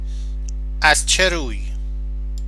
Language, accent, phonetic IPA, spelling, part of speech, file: Persian, Iran, [ʔæz t͡ʃʰe ɹuːj], از چه روی, adverb, Fa-از چه روی.oga
- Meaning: why